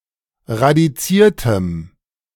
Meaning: strong dative masculine/neuter singular of radiziert
- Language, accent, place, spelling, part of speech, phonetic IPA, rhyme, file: German, Germany, Berlin, radiziertem, adjective, [ʁadiˈt͡siːɐ̯təm], -iːɐ̯təm, De-radiziertem.ogg